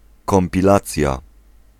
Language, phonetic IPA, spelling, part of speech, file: Polish, [ˌkɔ̃mpʲiˈlat͡sʲja], kompilacja, noun, Pl-kompilacja.ogg